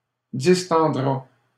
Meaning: third-person singular simple future of distendre
- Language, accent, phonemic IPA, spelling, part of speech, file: French, Canada, /dis.tɑ̃.dʁa/, distendra, verb, LL-Q150 (fra)-distendra.wav